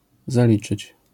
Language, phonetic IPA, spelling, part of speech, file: Polish, [zaˈlʲit͡ʃɨt͡ɕ], zaliczyć, verb, LL-Q809 (pol)-zaliczyć.wav